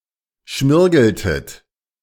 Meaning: inflection of schmirgeln: 1. second-person plural preterite 2. second-person plural subjunctive II
- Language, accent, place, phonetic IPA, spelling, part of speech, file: German, Germany, Berlin, [ˈʃmɪʁɡl̩tət], schmirgeltet, verb, De-schmirgeltet.ogg